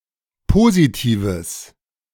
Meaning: strong/mixed nominative/accusative neuter singular of positiv
- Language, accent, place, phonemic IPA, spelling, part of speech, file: German, Germany, Berlin, /ˈpoːzitiːvəs/, positives, adjective, De-positives.ogg